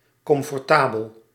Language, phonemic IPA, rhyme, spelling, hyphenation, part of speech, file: Dutch, /ˌkɔm.fɔrˈtaː.bəl/, -aːbəl, comfortabel, com‧for‧ta‧bel, adjective, Nl-comfortabel.ogg
- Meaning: comfortable